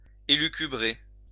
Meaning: 1. to elucubrate (compose at night) 2. to dream up
- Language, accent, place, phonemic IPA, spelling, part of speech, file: French, France, Lyon, /e.ly.ky.bʁe/, élucubrer, verb, LL-Q150 (fra)-élucubrer.wav